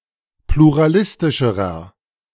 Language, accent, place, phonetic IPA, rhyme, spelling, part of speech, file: German, Germany, Berlin, [pluʁaˈlɪstɪʃəʁɐ], -ɪstɪʃəʁɐ, pluralistischerer, adjective, De-pluralistischerer.ogg
- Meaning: inflection of pluralistisch: 1. strong/mixed nominative masculine singular comparative degree 2. strong genitive/dative feminine singular comparative degree